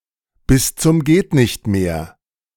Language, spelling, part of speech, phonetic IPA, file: German, bis zum Geht-nicht-mehr, phrase, [bɪs t͡sʊm ˈɡeːtnɪçtˌmeːɐ̯], De-bis zum geht nicht mehr.ogg
- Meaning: alternative spelling of bis zum Gehtnichtmehr